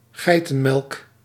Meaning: goat milk
- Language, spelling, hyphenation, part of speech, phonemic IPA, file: Dutch, geitenmelk, gei‧ten‧melk, noun, /ˈɣɛi̯.tə(n)ˌmɛlk/, Nl-geitenmelk.ogg